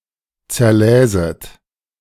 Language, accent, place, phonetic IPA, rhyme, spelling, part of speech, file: German, Germany, Berlin, [t͡sɛɐ̯ˈlɛːzət], -ɛːzət, zerläset, verb, De-zerläset.ogg
- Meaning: second-person plural subjunctive II of zerlesen